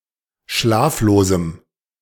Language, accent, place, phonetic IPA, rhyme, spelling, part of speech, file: German, Germany, Berlin, [ˈʃlaːfloːzm̩], -aːfloːzm̩, schlaflosem, adjective, De-schlaflosem.ogg
- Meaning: strong dative masculine/neuter singular of schlaflos